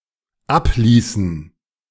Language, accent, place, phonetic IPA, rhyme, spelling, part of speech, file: German, Germany, Berlin, [ˈapˌliːsn̩], -apliːsn̩, abließen, verb, De-abließen.ogg
- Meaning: inflection of ablassen: 1. first/third-person plural dependent preterite 2. first/third-person plural dependent subjunctive II